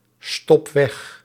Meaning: inflection of wegstoppen: 1. first-person singular present indicative 2. second-person singular present indicative 3. imperative
- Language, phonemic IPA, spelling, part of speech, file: Dutch, /ˈstɔp ˈwɛx/, stop weg, verb, Nl-stop weg.ogg